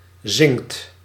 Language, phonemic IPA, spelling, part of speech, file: Dutch, /zɪŋt/, zingt, verb, Nl-zingt.ogg
- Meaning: inflection of zingen: 1. second/third-person singular present indicative 2. plural imperative